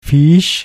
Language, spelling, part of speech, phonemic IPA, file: German, Viech, noun, /fiːç/, De-Viech.ogg
- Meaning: 1. animal, beast, any kind but especially an insect or pest 2. farm animal; head of livestock (see Vieh)